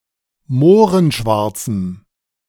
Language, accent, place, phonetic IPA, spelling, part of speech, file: German, Germany, Berlin, [ˈmoːʁənˌʃvaʁt͡sm̩], mohrenschwarzem, adjective, De-mohrenschwarzem.ogg
- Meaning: strong dative masculine/neuter singular of mohrenschwarz